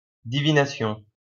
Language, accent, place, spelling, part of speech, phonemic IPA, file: French, France, Lyon, divination, noun, /di.vi.na.sjɔ̃/, LL-Q150 (fra)-divination.wav
- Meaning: divination